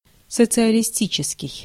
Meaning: socialist, socialistic
- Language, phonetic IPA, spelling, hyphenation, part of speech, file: Russian, [sət͡sɨəlʲɪˈsʲtʲit͡ɕɪskʲɪj], социалистический, со‧ци‧а‧ли‧сти‧чес‧кий, adjective, Ru-социалистический.ogg